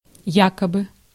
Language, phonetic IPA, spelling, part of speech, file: Russian, [ˈjakəbɨ], якобы, adverb, Ru-якобы.ogg
- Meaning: allegedly, supposedly